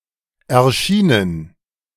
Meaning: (verb) past participle of erscheinen; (adjective) published, released; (verb) inflection of erscheinen: 1. first/third-person plural preterite 2. first/third-person plural subjunctive II
- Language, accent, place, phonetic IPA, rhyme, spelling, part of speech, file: German, Germany, Berlin, [ɛɐ̯ˈʃiːnən], -iːnən, erschienen, verb, De-erschienen.ogg